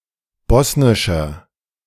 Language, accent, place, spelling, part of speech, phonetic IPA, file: German, Germany, Berlin, bosnischer, adjective, [ˈbɔsnɪʃɐ], De-bosnischer.ogg
- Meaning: inflection of bosnisch: 1. strong/mixed nominative masculine singular 2. strong genitive/dative feminine singular 3. strong genitive plural